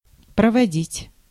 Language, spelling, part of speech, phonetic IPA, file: Russian, проводить, verb, [prəvɐˈdʲitʲ], Ru-проводить.ogg
- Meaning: 1. to spend (time), to pass 2. to conduct 3. to conduct, to lead, to guide 4. to carry out, to carry through, to realize, to put into practice, to conduct 5. to put through, to get through